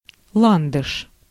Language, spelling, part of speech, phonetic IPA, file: Russian, ландыш, noun, [ˈɫandɨʂ], Ru-ландыш.ogg
- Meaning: lily of the valley (Convallaria majalis)